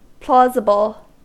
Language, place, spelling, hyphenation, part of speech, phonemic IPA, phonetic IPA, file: English, California, plausible, plau‧si‧ble, adjective, /ˈplɑ.zɪ.bəl/, [ˈplɑ.zɪ.bl̩], En-us-plausible.ogg
- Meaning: 1. Seemingly or apparently valid, likely, or acceptable; conceivably true or likely 2. Obtaining approbation; specifically pleasing; apparently right; specious